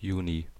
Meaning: June (the sixth month of the Gregorian calendar, following May and preceding July, containing the northern solstice)
- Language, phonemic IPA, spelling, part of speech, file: German, /ˈjuːni/, Juni, noun, De-Juni.ogg